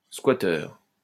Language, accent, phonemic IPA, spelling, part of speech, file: French, France, /skwa.tœʁ/, squatteur, noun, LL-Q150 (fra)-squatteur.wav
- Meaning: a squatter